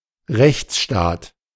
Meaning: constitutional state: a state based on law
- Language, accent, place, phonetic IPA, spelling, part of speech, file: German, Germany, Berlin, [ˈʁɛçt͡sˌʃtaːt], Rechtsstaat, noun, De-Rechtsstaat.ogg